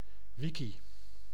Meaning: wiki
- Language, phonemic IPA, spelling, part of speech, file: Dutch, /ˈʋiki/, wiki, noun, Nl-wiki.ogg